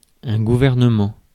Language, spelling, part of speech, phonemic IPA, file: French, gouvernement, noun, /ɡu.vɛʁ.nə.mɑ̃/, Fr-gouvernement.ogg
- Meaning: government